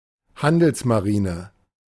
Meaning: merchant navy (civilian naval fleet)
- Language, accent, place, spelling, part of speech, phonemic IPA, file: German, Germany, Berlin, Handelsmarine, noun, /ˈhandəlsmaˌʁiːnə/, De-Handelsmarine.ogg